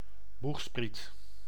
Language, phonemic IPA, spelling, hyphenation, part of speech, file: Dutch, /ˈbux.sprit/, boegspriet, boeg‧spriet, noun, Nl-boegspriet.ogg
- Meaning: bowsprit (ship)